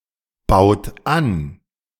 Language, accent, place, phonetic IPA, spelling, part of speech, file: German, Germany, Berlin, [ˌbaʊ̯t ˈan], baut an, verb, De-baut an.ogg
- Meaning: inflection of anbauen: 1. third-person singular present 2. second-person plural present 3. plural imperative